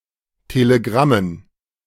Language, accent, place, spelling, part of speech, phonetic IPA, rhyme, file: German, Germany, Berlin, Telegrammen, noun, [teleˈɡʁamən], -amən, De-Telegrammen.ogg
- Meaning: dative plural of Telegramm